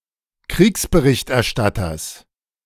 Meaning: genitive of Kriegsberichterstatter
- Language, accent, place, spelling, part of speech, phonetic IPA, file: German, Germany, Berlin, Kriegsberichterstatters, noun, [ˈkʁiːksbəˈʁɪçtʔɛɐ̯ˌʃtatɐs], De-Kriegsberichterstatters.ogg